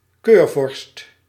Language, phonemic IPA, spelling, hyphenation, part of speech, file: Dutch, /ˈkøːr.vɔrst/, keurvorst, keur‧vorst, noun, Nl-keurvorst.ogg
- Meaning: Elector, Prince-Elector (of the Holy Roman Empire)